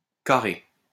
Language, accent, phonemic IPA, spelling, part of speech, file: French, France, /ka.ʁe/, carer, verb, LL-Q150 (fra)-carer.wav
- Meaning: alternative spelling of carrer